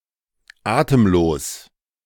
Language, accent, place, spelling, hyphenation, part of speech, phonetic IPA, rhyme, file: German, Germany, Berlin, atemlos, atem‧los, adjective, [ˈʔaːtəmˌloːs], -oːs, De-atemlos.ogg
- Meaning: 1. breathless 2. full of anticipation, excitement